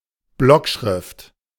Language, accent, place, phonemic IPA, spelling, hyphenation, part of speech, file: German, Germany, Berlin, /ˈblɔkʃʁɪft/, Blockschrift, Block‧schrift, noun, De-Blockschrift.ogg
- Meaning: 1. block letters (capital letters written by hand) 2. print (printed characters written by hand)